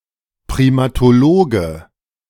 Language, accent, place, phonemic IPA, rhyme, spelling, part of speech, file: German, Germany, Berlin, /pʁiˌmaːtoˈloːɡə/, -oːɡə, Primatologe, noun, De-Primatologe.ogg
- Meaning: primatologist (male or of unspecified gender)